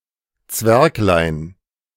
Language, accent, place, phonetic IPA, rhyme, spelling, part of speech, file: German, Germany, Berlin, [ˈt͡svɛʁklaɪ̯n], -ɛʁklaɪ̯n, Zwerglein, noun, De-Zwerglein.ogg
- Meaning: diminutive of Zwerg